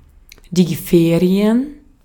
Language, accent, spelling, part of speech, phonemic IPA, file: German, Austria, Ferien, noun, /ˈfeːri̯ən/, De-at-Ferien.ogg
- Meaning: 1. holidays during which an institution (especially a school, university) or a business is closed; break (usually three days or more) 2. vacation, holiday